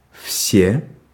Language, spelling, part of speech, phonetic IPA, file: Russian, все, determiner / pronoun / adverb / adjective, [fsʲe], Ru-все.ogg
- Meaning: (determiner) 1. inflection of весь (vesʹ) 2. inflection of весь (vesʹ): nominative plural 3. inflection of весь (vesʹ): inanimate accusative plural; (pronoun) everyone, everybody